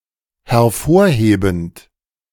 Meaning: present participle of hervorheben
- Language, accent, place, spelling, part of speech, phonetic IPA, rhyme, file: German, Germany, Berlin, hervorhebend, verb, [hɛɐ̯ˈfoːɐ̯ˌheːbn̩t], -oːɐ̯heːbn̩t, De-hervorhebend.ogg